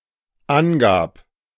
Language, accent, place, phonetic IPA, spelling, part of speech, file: German, Germany, Berlin, [ˈanˌɡaːp], angab, verb, De-angab.ogg
- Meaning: first/third-person singular dependent preterite of angeben